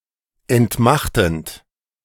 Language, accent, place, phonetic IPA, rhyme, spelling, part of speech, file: German, Germany, Berlin, [ɛntˈmaxtn̩t], -axtn̩t, entmachtend, verb, De-entmachtend.ogg
- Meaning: present participle of entmachten